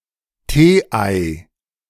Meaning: tea ball
- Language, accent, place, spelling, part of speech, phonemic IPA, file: German, Germany, Berlin, Tee-Ei, noun, /ˈteːˌʔaɪ̯/, De-Tee-Ei.ogg